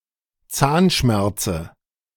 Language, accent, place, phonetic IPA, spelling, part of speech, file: German, Germany, Berlin, [ˈt͡saːnˌʃmɛʁt͡sə], Zahnschmerze, noun, De-Zahnschmerze.ogg
- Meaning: dative of Zahnschmerz